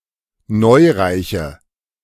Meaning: inflection of neureich: 1. strong/mixed nominative/accusative feminine singular 2. strong nominative/accusative plural 3. weak nominative all-gender singular
- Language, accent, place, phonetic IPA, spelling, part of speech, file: German, Germany, Berlin, [ˈnɔɪ̯ʁaɪ̯çə], neureiche, adjective, De-neureiche.ogg